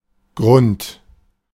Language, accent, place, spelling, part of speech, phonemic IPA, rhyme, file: German, Germany, Berlin, Grund, noun, /ɡʁʊnt/, -ʊnt, De-Grund.ogg
- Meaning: 1. ground, land (usually as someone's property) 2. bottom (of a container or a body of water) 3. reason; motive, cause